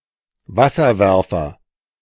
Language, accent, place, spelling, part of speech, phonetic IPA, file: German, Germany, Berlin, Wasserwerfer, noun, [ˈvasɐˌvɛʁfɐ], De-Wasserwerfer.ogg
- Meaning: water cannon